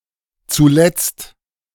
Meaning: 1. finally; lastly; in the end 2. recently; the other day
- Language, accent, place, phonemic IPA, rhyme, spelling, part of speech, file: German, Germany, Berlin, /t͡suˈlɛt͡st/, -ɛt͡st, zuletzt, adverb, De-zuletzt.ogg